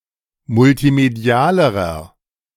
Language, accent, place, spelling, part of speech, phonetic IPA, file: German, Germany, Berlin, multimedialerer, adjective, [mʊltiˈmedi̯aːləʁɐ], De-multimedialerer.ogg
- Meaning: inflection of multimedial: 1. strong/mixed nominative masculine singular comparative degree 2. strong genitive/dative feminine singular comparative degree 3. strong genitive plural comparative degree